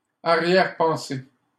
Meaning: 1. ulterior motive 2. doubt, reservation
- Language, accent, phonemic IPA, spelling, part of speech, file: French, Canada, /a.ʁjɛʁ.pɑ̃.se/, arrière-pensée, noun, LL-Q150 (fra)-arrière-pensée.wav